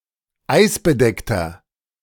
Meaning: inflection of eisbedeckt: 1. strong/mixed nominative masculine singular 2. strong genitive/dative feminine singular 3. strong genitive plural
- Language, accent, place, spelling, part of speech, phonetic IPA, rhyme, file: German, Germany, Berlin, eisbedeckter, adjective, [ˈaɪ̯sbəˌdɛktɐ], -aɪ̯sbədɛktɐ, De-eisbedeckter.ogg